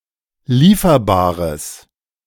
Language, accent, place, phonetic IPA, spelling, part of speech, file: German, Germany, Berlin, [ˈliːfɐbaːʁəs], lieferbares, adjective, De-lieferbares.ogg
- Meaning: strong/mixed nominative/accusative neuter singular of lieferbar